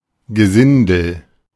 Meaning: riffraff, lower class
- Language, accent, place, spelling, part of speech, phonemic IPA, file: German, Germany, Berlin, Gesindel, noun, /ɡəˈzɪndl̩/, De-Gesindel.ogg